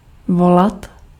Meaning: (verb) 1. to call 2. to call, to telephone; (noun) genitive plural of vole
- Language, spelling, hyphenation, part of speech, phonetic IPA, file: Czech, volat, vo‧lat, verb / noun, [ˈvolat], Cs-volat.ogg